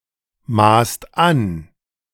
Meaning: inflection of anmaßen: 1. second/third-person singular present 2. second-person plural present 3. plural imperative
- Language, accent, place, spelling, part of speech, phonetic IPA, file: German, Germany, Berlin, maßt an, verb, [ˌmaːst ˈan], De-maßt an.ogg